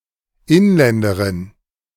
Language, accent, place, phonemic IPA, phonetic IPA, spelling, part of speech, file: German, Germany, Berlin, /ˈɪnˌlɛndəʁɪn/, [ˈʔɪnˌlɛndəʁɪn], Inländerin, noun, De-Inländerin.ogg
- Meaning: female equivalent of Inländer (“native, resident, national”)